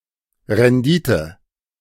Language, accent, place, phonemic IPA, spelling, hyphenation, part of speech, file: German, Germany, Berlin, /ʁɛnˈdiːtə/, Rendite, Ren‧di‧te, noun, De-Rendite.ogg
- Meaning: yield, return (of a capital investment)